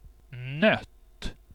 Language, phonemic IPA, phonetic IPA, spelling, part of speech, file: Swedish, /nœt/, [nœtː], nött, adjective / verb, Sv-nött.ogg
- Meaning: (adjective) worn; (verb) 1. supine of nöta 2. past participle of nöta; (adjective) indefinite neuter singular of nödd